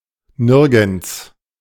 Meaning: 1. nowhere (in no place) 2. never (at no time)
- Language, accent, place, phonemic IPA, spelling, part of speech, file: German, Germany, Berlin, /ˈnɪʁɡn̩ts/, nirgends, adverb, De-nirgends.ogg